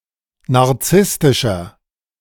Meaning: 1. comparative degree of narzisstisch 2. inflection of narzisstisch: strong/mixed nominative masculine singular 3. inflection of narzisstisch: strong genitive/dative feminine singular
- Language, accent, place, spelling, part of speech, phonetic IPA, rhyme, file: German, Germany, Berlin, narzisstischer, adjective, [naʁˈt͡sɪstɪʃɐ], -ɪstɪʃɐ, De-narzisstischer.ogg